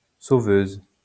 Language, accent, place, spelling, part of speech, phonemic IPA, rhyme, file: French, France, Lyon, sauveuse, noun, /so.vøz/, -øz, LL-Q150 (fra)-sauveuse.wav
- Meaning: female equivalent of sauveur